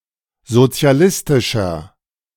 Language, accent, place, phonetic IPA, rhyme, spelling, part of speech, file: German, Germany, Berlin, [zot͡si̯aˈlɪstɪʃɐ], -ɪstɪʃɐ, sozialistischer, adjective, De-sozialistischer.ogg
- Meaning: 1. comparative degree of sozialistisch 2. inflection of sozialistisch: strong/mixed nominative masculine singular 3. inflection of sozialistisch: strong genitive/dative feminine singular